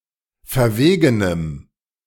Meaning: strong dative masculine/neuter singular of verwegen
- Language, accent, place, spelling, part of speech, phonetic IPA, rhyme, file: German, Germany, Berlin, verwegenem, adjective, [fɛɐ̯ˈveːɡənəm], -eːɡənəm, De-verwegenem.ogg